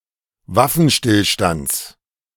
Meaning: genitive singular of Waffenstillstand
- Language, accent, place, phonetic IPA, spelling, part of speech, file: German, Germany, Berlin, [ˈvafn̩ˌʃtɪlʃtant͡s], Waffenstillstands, noun, De-Waffenstillstands.ogg